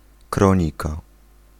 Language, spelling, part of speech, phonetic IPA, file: Polish, kronika, noun, [ˈkrɔ̃ɲika], Pl-kronika.ogg